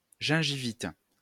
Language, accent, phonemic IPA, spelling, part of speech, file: French, France, /ʒɛ̃.ʒi.vit/, gingivite, noun, LL-Q150 (fra)-gingivite.wav
- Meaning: gingivitis (inflammation of the gums)